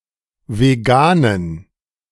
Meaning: inflection of vegan: 1. strong genitive masculine/neuter singular 2. weak/mixed genitive/dative all-gender singular 3. strong/weak/mixed accusative masculine singular 4. strong dative plural
- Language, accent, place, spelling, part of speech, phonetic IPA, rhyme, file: German, Germany, Berlin, veganen, adjective, [veˈɡaːnən], -aːnən, De-veganen.ogg